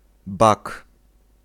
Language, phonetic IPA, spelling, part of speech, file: Polish, [bak], bak, noun, Pl-bak.ogg